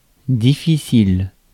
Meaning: 1. difficult 2. choosy, fussy, picky
- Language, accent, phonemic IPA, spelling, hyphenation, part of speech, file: French, France, /di.fi.sil/, difficile, dif‧fi‧cile, adjective, Fr-difficile.ogg